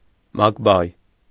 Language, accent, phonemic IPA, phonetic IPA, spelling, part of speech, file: Armenian, Eastern Armenian, /mɑkˈbɑj/, [mɑkbɑ́j], մակբայ, noun, Hy-մակբայ.ogg
- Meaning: adverb